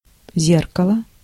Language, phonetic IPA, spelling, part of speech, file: Russian, [ˈzʲerkəɫə], зеркало, noun, Ru-зеркало.ogg
- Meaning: mirror, looking glass